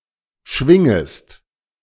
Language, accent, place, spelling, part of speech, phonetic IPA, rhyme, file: German, Germany, Berlin, schwingest, verb, [ˈʃvɪŋəst], -ɪŋəst, De-schwingest.ogg
- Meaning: second-person singular subjunctive I of schwingen